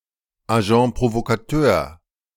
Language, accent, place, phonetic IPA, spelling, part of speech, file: German, Germany, Berlin, [aˈʒɑ̃ːs pʁovokaˈtøːɐ̯], Agents provocateurs, noun, De-Agents provocateurs.ogg
- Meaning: plural of Agent provocateur